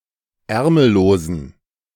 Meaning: inflection of ärmellos: 1. strong genitive masculine/neuter singular 2. weak/mixed genitive/dative all-gender singular 3. strong/weak/mixed accusative masculine singular 4. strong dative plural
- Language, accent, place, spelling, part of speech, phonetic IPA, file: German, Germany, Berlin, ärmellosen, adjective, [ˈɛʁml̩loːzn̩], De-ärmellosen.ogg